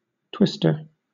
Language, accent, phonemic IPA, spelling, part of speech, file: English, Southern England, /ˈtwɪstə/, twister, noun, LL-Q1860 (eng)-twister.wav
- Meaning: 1. One who twists 2. One who twists.: One whose occupation is to twist or join the threads of one warp to those of another, in weaving 3. An instrument used in twisting or making twists